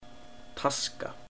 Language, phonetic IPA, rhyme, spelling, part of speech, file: Icelandic, [ˈtʰaska], -aska, taska, noun, Is-taska.oga
- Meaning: bag, case